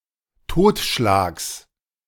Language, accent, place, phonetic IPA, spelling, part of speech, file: German, Germany, Berlin, [ˈtoːtʃlaːks], Totschlags, noun, De-Totschlags.ogg
- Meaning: genitive singular of Totschlag